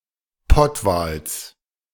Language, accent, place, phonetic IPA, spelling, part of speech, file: German, Germany, Berlin, [ˈpɔtvaːls], Pottwals, noun, De-Pottwals.ogg
- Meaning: genitive singular of Pottwal